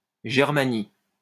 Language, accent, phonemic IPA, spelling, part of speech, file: French, France, /ʒɛʁ.ma.ni/, Germanie, proper noun, LL-Q150 (fra)-Germanie.wav
- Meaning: 1. Germania (an ancient Roman term for a cultural region describing the lands in Central Europe inhabited by Germanic peoples) 2. Germany (a country in Central Europe)